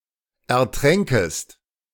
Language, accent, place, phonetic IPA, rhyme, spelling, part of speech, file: German, Germany, Berlin, [ɛɐ̯ˈtʁɛŋkəst], -ɛŋkəst, ertränkest, verb, De-ertränkest.ogg
- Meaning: second-person singular subjunctive II of ertrinken